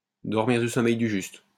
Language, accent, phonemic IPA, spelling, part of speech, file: French, France, /dɔʁ.miʁ dy sɔ.mɛj dy ʒyst/, dormir du sommeil du juste, verb, LL-Q150 (fra)-dormir du sommeil du juste.wav
- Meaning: to sleep the sleep of the just, to sleep like a baby